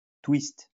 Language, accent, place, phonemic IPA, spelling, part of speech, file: French, France, Lyon, /twist/, twist, noun, LL-Q150 (fra)-twist.wav
- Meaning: twist (dance)